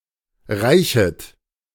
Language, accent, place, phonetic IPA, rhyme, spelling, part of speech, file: German, Germany, Berlin, [ˈʁaɪ̯çət], -aɪ̯çət, reichet, verb, De-reichet.ogg
- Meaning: second-person plural subjunctive I of reichen